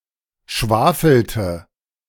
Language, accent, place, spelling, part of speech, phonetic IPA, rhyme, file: German, Germany, Berlin, schwafelte, verb, [ˈʃvaːfl̩tə], -aːfl̩tə, De-schwafelte.ogg
- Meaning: inflection of schwafeln: 1. first/third-person singular preterite 2. first/third-person singular subjunctive II